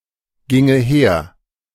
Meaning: first/third-person singular subjunctive II of hergehen
- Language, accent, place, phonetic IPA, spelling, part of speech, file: German, Germany, Berlin, [ˌɡɪŋə ˈheːɐ̯], ginge her, verb, De-ginge her.ogg